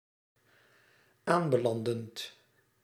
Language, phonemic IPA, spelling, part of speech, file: Dutch, /ˈambəˌlandənt/, aanbelandend, verb, Nl-aanbelandend.ogg
- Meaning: present participle of aanbelanden